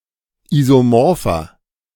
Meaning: 1. comparative degree of isomorph 2. inflection of isomorph: strong/mixed nominative masculine singular 3. inflection of isomorph: strong genitive/dative feminine singular
- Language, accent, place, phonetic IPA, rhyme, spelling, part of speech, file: German, Germany, Berlin, [ˌizoˈmɔʁfɐ], -ɔʁfɐ, isomorpher, adjective, De-isomorpher.ogg